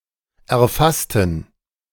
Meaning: inflection of erfassen: 1. first/third-person plural preterite 2. first/third-person plural subjunctive II
- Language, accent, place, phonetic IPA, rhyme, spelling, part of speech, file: German, Germany, Berlin, [ɛɐ̯ˈfastn̩], -astn̩, erfassten, adjective / verb, De-erfassten.ogg